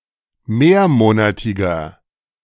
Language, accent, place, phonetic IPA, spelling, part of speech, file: German, Germany, Berlin, [ˈmeːɐ̯ˌmoːnatɪɡɐ], mehrmonatiger, adjective, De-mehrmonatiger.ogg
- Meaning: inflection of mehrmonatig: 1. strong/mixed nominative masculine singular 2. strong genitive/dative feminine singular 3. strong genitive plural